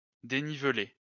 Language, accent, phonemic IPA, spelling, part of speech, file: French, France, /de.ni.vle/, dénivelée, adjective, LL-Q150 (fra)-dénivelée.wav
- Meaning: feminine singular of dénivelé